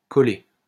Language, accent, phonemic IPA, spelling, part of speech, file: French, France, /kɔ.le/, collé, verb, LL-Q150 (fra)-collé.wav
- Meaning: past participle of coller